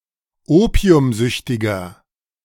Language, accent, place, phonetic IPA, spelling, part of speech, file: German, Germany, Berlin, [ˈoːpi̯ʊmˌzʏçtɪɡɐ], opiumsüchtiger, adjective, De-opiumsüchtiger.ogg
- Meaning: inflection of opiumsüchtig: 1. strong/mixed nominative masculine singular 2. strong genitive/dative feminine singular 3. strong genitive plural